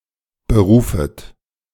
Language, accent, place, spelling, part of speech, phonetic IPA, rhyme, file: German, Germany, Berlin, berufet, verb, [bəˈʁuːfət], -uːfət, De-berufet.ogg
- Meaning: second-person plural subjunctive I of berufen